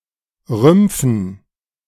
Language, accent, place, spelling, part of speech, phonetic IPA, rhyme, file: German, Germany, Berlin, Rümpfen, noun, [ˈʁʏmp͡fn̩], -ʏmp͡fn̩, De-Rümpfen.ogg
- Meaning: dative plural of Rumpf